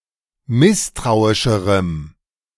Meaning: strong dative masculine/neuter singular comparative degree of misstrauisch
- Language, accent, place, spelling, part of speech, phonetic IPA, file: German, Germany, Berlin, misstrauischerem, adjective, [ˈmɪstʁaʊ̯ɪʃəʁəm], De-misstrauischerem.ogg